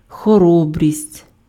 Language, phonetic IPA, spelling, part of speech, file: Ukrainian, [xɔˈrɔbrʲisʲtʲ], хоробрість, noun, Uk-хоробрість.ogg
- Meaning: courage, bravery